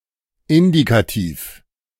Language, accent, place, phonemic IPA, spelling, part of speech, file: German, Germany, Berlin, /ˈɪndikatiːf/, Indikativ, noun, De-Indikativ.ogg
- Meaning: indicative (the indicative mood or mode)